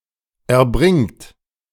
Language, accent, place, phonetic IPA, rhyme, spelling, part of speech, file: German, Germany, Berlin, [ɛɐ̯ˈbʁɪŋt], -ɪŋt, erbringt, verb, De-erbringt.ogg
- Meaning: second-person plural present of erbringen